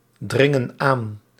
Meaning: inflection of aandringen: 1. plural present indicative 2. plural present subjunctive
- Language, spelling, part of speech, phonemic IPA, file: Dutch, dringen aan, verb, /ˈdrɪŋə(n) ˈan/, Nl-dringen aan.ogg